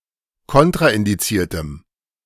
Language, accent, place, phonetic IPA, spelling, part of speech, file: German, Germany, Berlin, [ˈkɔntʁaʔɪndiˌt͡siːɐ̯təm], kontraindiziertem, adjective, De-kontraindiziertem.ogg
- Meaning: strong dative masculine/neuter singular of kontraindiziert